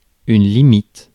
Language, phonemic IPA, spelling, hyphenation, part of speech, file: French, /li.mit/, limite, li‧mite, noun / adjective / verb, Fr-limite.ogg
- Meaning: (noun) limit; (adjective) edgy, borderline, almost objectionable; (verb) inflection of limiter: 1. first/third-person singular present indicative/subjunctive 2. second-person singular imperative